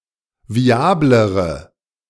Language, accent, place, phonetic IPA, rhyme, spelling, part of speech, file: German, Germany, Berlin, [viˈaːbləʁə], -aːbləʁə, viablere, adjective, De-viablere.ogg
- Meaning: inflection of viabel: 1. strong/mixed nominative/accusative feminine singular comparative degree 2. strong nominative/accusative plural comparative degree